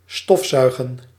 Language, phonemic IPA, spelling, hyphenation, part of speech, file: Dutch, /ˈstɔf.zœy̯.ɣə(n)/, stofzuigen, stof‧zuigen, verb, Nl-stofzuigen.ogg
- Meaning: to vacuum-clean, clean with a vacuum cleaner